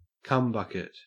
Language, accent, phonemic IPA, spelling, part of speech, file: English, Australia, /ˈkʌmbʌkɪt/, cumbucket, noun, En-au-cumbucket.ogg
- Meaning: Synonym of cum guzzler (in all senses)